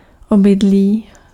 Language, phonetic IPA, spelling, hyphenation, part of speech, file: Czech, [ˈobɪdliː], obydlí, oby‧d‧lí, noun, Cs-obydlí.ogg
- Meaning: dwelling